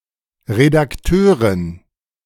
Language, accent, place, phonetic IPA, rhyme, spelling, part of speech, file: German, Germany, Berlin, [ʁedakˈtøːʁɪn], -øːʁɪn, Redakteurin, noun, De-Redakteurin.ogg
- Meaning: editor (female)